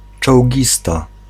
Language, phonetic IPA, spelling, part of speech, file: Polish, [t͡ʃɔwʲˈɟista], czołgista, noun, Pl-czołgista.ogg